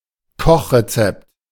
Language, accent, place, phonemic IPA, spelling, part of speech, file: German, Germany, Berlin, /ˈkɔχʁeˌt͡sɛpt/, Kochrezept, noun, De-Kochrezept.ogg
- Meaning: recipe: instructions for making or preparing food dishes